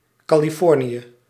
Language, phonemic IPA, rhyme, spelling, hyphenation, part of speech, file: Dutch, /ˌkaː.liˈfɔr.ni.ə/, -ɔrniə, Californië, Ca‧li‧for‧nië, proper noun, Nl-Californië.ogg
- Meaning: 1. California (the most populous state of the United States) 2. colonial California 3. California Republic 4. a hamlet in Maasdriel, Gelderland, Netherlands